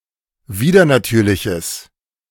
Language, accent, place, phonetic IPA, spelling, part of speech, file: German, Germany, Berlin, [ˈviːdɐnaˌtyːɐ̯lɪçəs], widernatürliches, adjective, De-widernatürliches.ogg
- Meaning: strong/mixed nominative/accusative neuter singular of widernatürlich